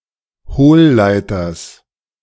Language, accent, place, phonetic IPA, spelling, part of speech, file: German, Germany, Berlin, [ˈhoːlˌlaɪ̯tɐs], Hohlleiters, noun, De-Hohlleiters.ogg
- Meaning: genitive singular of Hohlleiter